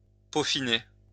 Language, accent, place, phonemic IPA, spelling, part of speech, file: French, France, Lyon, /po.fi.ne/, peaufiner, verb, LL-Q150 (fra)-peaufiner.wav
- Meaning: to fine-tune